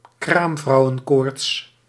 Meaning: puerperal fever, postpartum endometritis
- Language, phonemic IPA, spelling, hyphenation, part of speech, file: Dutch, /ˈkraːm.vrɑu̯.ə(n)ˌkoːrts/, kraamvrouwenkoorts, kraam‧vrou‧wen‧koorts, noun, Nl-kraamvrouwenkoorts.ogg